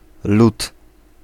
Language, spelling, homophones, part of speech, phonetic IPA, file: Polish, lód, lut / lud, noun, [lut], Pl-lód.ogg